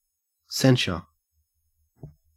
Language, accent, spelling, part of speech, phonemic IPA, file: English, Australia, censure, noun / verb, /ˈsen.ʃə/, En-au-censure.ogg
- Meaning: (noun) 1. The act of blaming, criticizing, or condemning as wrong; reprehension 2. Official reprimand 3. A judicial or ecclesiastical sentence or reprimand; condemnatory judgment